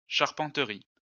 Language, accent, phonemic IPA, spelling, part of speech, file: French, France, /ʃaʁ.pɑ̃.tʁi/, charpenterie, noun, LL-Q150 (fra)-charpenterie.wav
- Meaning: 1. carpentry 2. carpenter's workshop